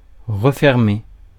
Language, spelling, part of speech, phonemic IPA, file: French, refermer, verb, /ʁə.fɛʁ.me/, Fr-refermer.ogg
- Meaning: 1. to reclose 2. (wound) to heal